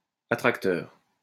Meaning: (adjective) attracting; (noun) attractor
- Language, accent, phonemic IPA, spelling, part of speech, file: French, France, /a.tʁak.tœʁ/, attracteur, adjective / noun, LL-Q150 (fra)-attracteur.wav